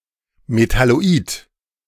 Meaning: metalloid
- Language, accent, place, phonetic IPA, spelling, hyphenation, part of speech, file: German, Germany, Berlin, [metaloˈiːt], Metalloid, Me‧tal‧lo‧id, noun, De-Metalloid.ogg